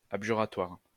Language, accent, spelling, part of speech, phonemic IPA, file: French, France, abjuratoire, adjective, /ab.ʒy.ʁa.twaʁ/, LL-Q150 (fra)-abjuratoire.wav
- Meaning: Related to the action of abjurer